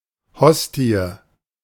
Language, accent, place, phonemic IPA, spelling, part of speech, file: German, Germany, Berlin, /ˈhɔsti̯ə/, Hostie, noun, De-Hostie.ogg
- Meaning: host (consecrated wafer)